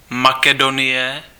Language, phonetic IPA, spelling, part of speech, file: Czech, [ˈmakɛdonɪjɛ], Makedonie, proper noun, Cs-Makedonie.ogg
- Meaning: Macedonia (a geographic region in Southeastern Europe in the Balkans, including North Macedonia and parts of Greece, Bulgaria, Albania and Serbia)